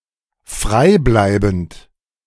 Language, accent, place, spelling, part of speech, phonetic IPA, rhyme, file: German, Germany, Berlin, freibleibend, adjective, [ˈfʁaɪ̯ˌblaɪ̯bn̩t], -aɪ̯blaɪ̯bn̩t, De-freibleibend.ogg
- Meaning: without obligation